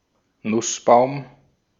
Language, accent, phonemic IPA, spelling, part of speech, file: German, Austria, /ˈnʊsˌbaʊ̯m/, Nussbaum, noun, De-at-Nussbaum.ogg
- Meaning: walnut (tree)